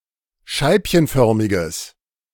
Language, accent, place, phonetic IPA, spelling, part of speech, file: German, Germany, Berlin, [ˈʃaɪ̯pçənˌfœʁmɪɡəs], scheibchenförmiges, adjective, De-scheibchenförmiges.ogg
- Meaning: strong/mixed nominative/accusative neuter singular of scheibchenförmig